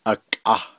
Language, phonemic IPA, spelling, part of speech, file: Navajo, /ʔɑ̀kʼɑ̀h/, akʼah, noun, Nv-akʼah.ogg
- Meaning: 1. fat, grease, lard, shortening, cooking oil 2. vaseline 3. petroleum